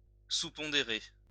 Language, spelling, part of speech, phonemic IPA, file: French, pondérer, verb, /pɔ̃.de.ʁe/, LL-Q150 (fra)-pondérer.wav
- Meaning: to weight (applying a weighting to)